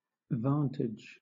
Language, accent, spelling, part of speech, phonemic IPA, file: English, Southern England, vantage, noun / verb, /ˈvɑːntɪd͡ʒ/, LL-Q1860 (eng)-vantage.wav
- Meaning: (noun) 1. An advantage 2. A place or position affording a good view; a vantage point 3. A superior or more favorable situation or opportunity; gain; profit; advantage